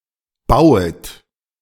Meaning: second-person plural subjunctive I of bauen
- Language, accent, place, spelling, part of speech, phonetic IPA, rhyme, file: German, Germany, Berlin, bauet, verb, [ˈbaʊ̯ət], -aʊ̯ət, De-bauet.ogg